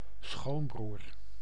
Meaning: brother-in-law
- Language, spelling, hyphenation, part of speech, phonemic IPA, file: Dutch, schoonbroer, schoon‧broer, noun, /ˈsxoːn.brur/, Nl-schoonbroer.ogg